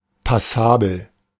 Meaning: passable, acceptable, fair
- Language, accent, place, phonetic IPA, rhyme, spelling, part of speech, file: German, Germany, Berlin, [paˈsaːbl̩], -aːbl̩, passabel, adjective, De-passabel.ogg